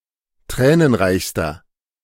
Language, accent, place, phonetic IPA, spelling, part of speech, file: German, Germany, Berlin, [ˈtʁɛːnənˌʁaɪ̯çstɐ], tränenreichster, adjective, De-tränenreichster.ogg
- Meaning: inflection of tränenreich: 1. strong/mixed nominative masculine singular superlative degree 2. strong genitive/dative feminine singular superlative degree 3. strong genitive plural superlative degree